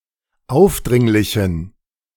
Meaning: inflection of aufdringlich: 1. strong genitive masculine/neuter singular 2. weak/mixed genitive/dative all-gender singular 3. strong/weak/mixed accusative masculine singular 4. strong dative plural
- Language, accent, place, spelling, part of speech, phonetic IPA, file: German, Germany, Berlin, aufdringlichen, adjective, [ˈaʊ̯fˌdʁɪŋlɪçn̩], De-aufdringlichen.ogg